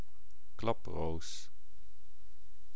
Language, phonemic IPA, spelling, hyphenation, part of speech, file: Dutch, /ˈklɑproːs/, klaproos, klap‧roos, noun, Nl-klaproos.ogg
- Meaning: 1. a poppy, any of several plants of genus Papaver 2. synonym of gewone klaproos (“common poppy”) 3. the frail flower of the poppy